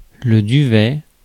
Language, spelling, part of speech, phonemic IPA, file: French, duvet, noun, /dy.vɛ/, Fr-duvet.ogg
- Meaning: 1. down (soft, fine feathers) 2. down, fuzz (on face, peach, etc) 3. sleeping bag 4. duvet, continental quilt 5. eiderdown